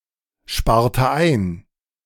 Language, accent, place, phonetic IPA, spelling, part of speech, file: German, Germany, Berlin, [ˌʃpaːɐ̯tə ˈaɪ̯n], sparte ein, verb, De-sparte ein.ogg
- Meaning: inflection of einsparen: 1. first/third-person singular preterite 2. first/third-person singular subjunctive II